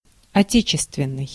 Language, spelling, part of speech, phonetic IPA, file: Russian, отечественный, adjective, [ɐˈtʲet͡ɕɪstvʲɪn(ː)ɨj], Ru-отечественный.ogg
- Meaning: 1. native, home 2. patriotic